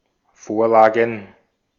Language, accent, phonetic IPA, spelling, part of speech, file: German, Austria, [ˈfoːɐ̯ˌlaːɡn̩], Vorlagen, noun, De-at-Vorlagen.ogg
- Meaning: plural of Vorlage